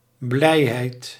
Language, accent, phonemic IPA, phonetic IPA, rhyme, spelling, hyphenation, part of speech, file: Dutch, Netherlands, /ˈblɛi̯ɦɛi̯t/, [ˈblɛiɦɛit], -ɛi̯ɦɛi̯t, blijheid, blij‧heid, noun, Nl-blijheid.ogg
- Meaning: happiness